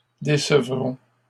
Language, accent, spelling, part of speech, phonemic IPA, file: French, Canada, décevront, verb, /de.sə.vʁɔ̃/, LL-Q150 (fra)-décevront.wav
- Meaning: third-person plural future of décevoir